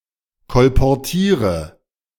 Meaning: inflection of kolportieren: 1. first-person singular present 2. singular imperative 3. first/third-person singular subjunctive I
- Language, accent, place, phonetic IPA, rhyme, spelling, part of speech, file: German, Germany, Berlin, [kɔlpɔʁˈtiːʁə], -iːʁə, kolportiere, verb, De-kolportiere.ogg